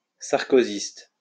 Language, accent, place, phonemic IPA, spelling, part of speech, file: French, France, Lyon, /saʁ.ko.zist/, sarkozyste, adjective / noun, LL-Q150 (fra)-sarkozyste.wav
- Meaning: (adjective) of Nicolas Sarkozy; Sarkozyst (relating to Nicolas Sarkozy or his political views); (noun) Sarkozyst (follower or partisan of Nicolas Sarkozy)